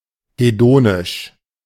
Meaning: hedonic
- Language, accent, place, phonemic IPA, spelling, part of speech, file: German, Germany, Berlin, /heˈdoːnɪʃ/, hedonisch, adjective, De-hedonisch.ogg